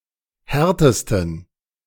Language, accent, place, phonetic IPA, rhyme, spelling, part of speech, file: German, Germany, Berlin, [ˈhɛʁtəstn̩], -ɛʁtəstn̩, härtesten, adjective, De-härtesten.ogg
- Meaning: superlative degree of hart